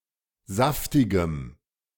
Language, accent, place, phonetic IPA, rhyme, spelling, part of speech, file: German, Germany, Berlin, [ˈzaftɪɡəm], -aftɪɡəm, saftigem, adjective, De-saftigem.ogg
- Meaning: strong dative masculine/neuter singular of saftig